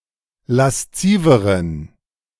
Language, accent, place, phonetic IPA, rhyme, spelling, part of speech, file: German, Germany, Berlin, [lasˈt͡siːvəʁən], -iːvəʁən, lasziveren, adjective, De-lasziveren.ogg
- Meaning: inflection of lasziv: 1. strong genitive masculine/neuter singular comparative degree 2. weak/mixed genitive/dative all-gender singular comparative degree